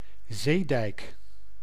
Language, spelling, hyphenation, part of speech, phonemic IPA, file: Dutch, zeedijk, zee‧dijk, noun, /ˈzeː.dɛi̯k/, Nl-zeedijk.ogg
- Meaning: a dike that serves as a seawall